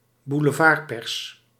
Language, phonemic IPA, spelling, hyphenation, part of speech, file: Dutch, /bu.ləˈvaːrˌpɛrs/, boulevardpers, bou‧le‧vard‧pers, noun, Nl-boulevardpers.ogg
- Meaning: yellow press